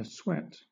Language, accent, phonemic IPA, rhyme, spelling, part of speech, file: English, Southern England, /əˈswɛt/, -ɛt, asweat, adjective, LL-Q1860 (eng)-asweat.wav
- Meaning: In a sweat; covered or soaked with sweat or some liquid resembling sweat; sweating